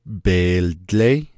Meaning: 1. blanket 2. rug
- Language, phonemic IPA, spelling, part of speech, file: Navajo, /pèːlt͡lɛ́ɪ́/, beeldléí, noun, Nv-beeldléí.ogg